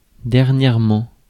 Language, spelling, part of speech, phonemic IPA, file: French, dernièrement, adverb, /dɛʁ.njɛʁ.mɑ̃/, Fr-dernièrement.ogg
- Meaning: 1. lately, of late (in the recent past) 2. lastly (in last place)